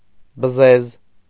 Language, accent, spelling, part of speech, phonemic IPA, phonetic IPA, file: Armenian, Eastern Armenian, բզեզ, noun, /bəˈzez/, [bəzéz], Hy-բզեզ.ogg
- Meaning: beetle